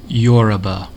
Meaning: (noun) A member of an ethnic group or tribe living mainly in southwest Nigeria, southern Benin, and eastern Togo and, as well as in communities elsewhere in West Africa, United States, Brazil and Cuba
- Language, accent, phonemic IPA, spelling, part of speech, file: English, US, /ˈjɔːɹəbə/, Yoruba, noun / proper noun, En-us-Yoruba.ogg